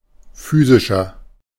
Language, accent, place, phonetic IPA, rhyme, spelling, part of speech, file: German, Germany, Berlin, [ˈfyːzɪʃɐ], -yːzɪʃɐ, physischer, adjective, De-physischer.ogg
- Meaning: inflection of physisch: 1. strong/mixed nominative masculine singular 2. strong genitive/dative feminine singular 3. strong genitive plural